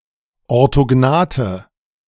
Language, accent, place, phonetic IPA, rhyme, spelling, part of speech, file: German, Germany, Berlin, [ɔʁtoˈɡnaːtə], -aːtə, orthognathe, adjective, De-orthognathe.ogg
- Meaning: inflection of orthognath: 1. strong/mixed nominative/accusative feminine singular 2. strong nominative/accusative plural 3. weak nominative all-gender singular